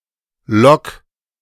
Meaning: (verb) 1. singular imperative of locken 2. first-person singular present of locken; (adjective) Only used in auf lock
- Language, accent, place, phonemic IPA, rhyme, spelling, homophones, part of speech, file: German, Germany, Berlin, /lɔk/, -ɔk, lock, Lok / Log, verb / adjective, De-lock.ogg